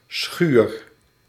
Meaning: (noun) 1. barn 2. shed; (verb) inflection of schuren: 1. first-person singular present indicative 2. second-person singular present indicative 3. imperative
- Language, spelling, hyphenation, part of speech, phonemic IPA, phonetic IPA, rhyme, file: Dutch, schuur, schuur, noun / verb, /sxyr/, [sxyːr], -yr, Nl-schuur.ogg